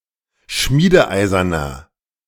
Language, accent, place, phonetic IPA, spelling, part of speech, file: German, Germany, Berlin, [ˈʃmiːdəˌʔaɪ̯zɐnɐ], schmiedeeiserner, adjective, De-schmiedeeiserner.ogg
- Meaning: inflection of schmiedeeisern: 1. strong/mixed nominative masculine singular 2. strong genitive/dative feminine singular 3. strong genitive plural